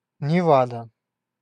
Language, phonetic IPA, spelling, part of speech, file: Russian, [nʲɪˈvadə], Невада, proper noun, Ru-Невада.ogg
- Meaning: Nevada (a state in the western United States)